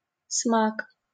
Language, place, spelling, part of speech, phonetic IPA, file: Russian, Saint Petersburg, смак, noun, [smak], LL-Q7737 (rus)-смак.wav
- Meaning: 1. gusto, pleasant taste 2. zest, relish, gusto